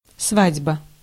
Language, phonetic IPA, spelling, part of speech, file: Russian, [ˈsvadʲbə], свадьба, noun, Ru-свадьба.ogg
- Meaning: 1. wedding 2. participants in the wedding ceremony as a whole 3. wedding anniversary (in the phrases (relational) + сва́дьба)